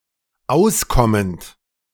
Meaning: present participle of auskommen
- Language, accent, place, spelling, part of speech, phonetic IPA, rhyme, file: German, Germany, Berlin, auskommend, verb, [ˈaʊ̯sˌkɔmənt], -aʊ̯skɔmənt, De-auskommend.ogg